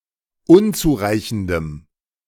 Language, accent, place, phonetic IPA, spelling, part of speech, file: German, Germany, Berlin, [ˈʊnt͡suːˌʁaɪ̯çn̩dəm], unzureichendem, adjective, De-unzureichendem.ogg
- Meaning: strong dative masculine/neuter singular of unzureichend